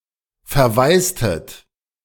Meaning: inflection of verwaisen: 1. second-person plural preterite 2. second-person plural subjunctive II
- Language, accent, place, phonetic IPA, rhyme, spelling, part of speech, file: German, Germany, Berlin, [fɛɐ̯ˈvaɪ̯stət], -aɪ̯stət, verwaistet, verb, De-verwaistet.ogg